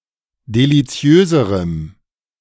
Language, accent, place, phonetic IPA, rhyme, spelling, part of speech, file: German, Germany, Berlin, [deliˈt͡si̯øːzəʁəm], -øːzəʁəm, deliziöserem, adjective, De-deliziöserem.ogg
- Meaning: strong dative masculine/neuter singular comparative degree of deliziös